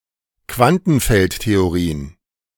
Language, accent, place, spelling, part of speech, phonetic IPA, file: German, Germany, Berlin, Quantenfeldtheorien, noun, [ˈkvantn̩ˌfɛltteoʁiːən], De-Quantenfeldtheorien.ogg
- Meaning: plural of Quantenfeldtheorie